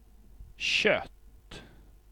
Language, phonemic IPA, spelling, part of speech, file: Swedish, /ɕœtː/, kött, noun, Sv-kött.ogg
- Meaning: 1. meat, flesh 2. flesh